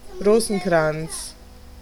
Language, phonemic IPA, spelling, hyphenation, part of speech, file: German, /ˈʁoːzənˌkʁan(t)s/, Rosenkranz, Ro‧sen‧kranz, noun / proper noun, De-Rosenkranz.ogg
- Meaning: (noun) 1. rosary (set of prayers; chain of beads used therefore) 2. a wreath made of rose twigs; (proper noun) a surname